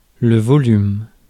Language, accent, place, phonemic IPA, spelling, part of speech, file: French, France, Paris, /vɔ.lym/, volume, noun, Fr-volume.ogg
- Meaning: 1. volume (of a book, a written work) 2. volume (sound) 3. volume (amount of space something takes up) 4. volume (amount; quantity) 5. an overly long piece of writing